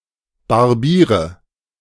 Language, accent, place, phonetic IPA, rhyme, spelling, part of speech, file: German, Germany, Berlin, [baʁˈbiːʁə], -iːʁə, barbiere, verb, De-barbiere.ogg
- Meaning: inflection of barbieren: 1. first-person singular present 2. first/third-person singular subjunctive I 3. singular imperative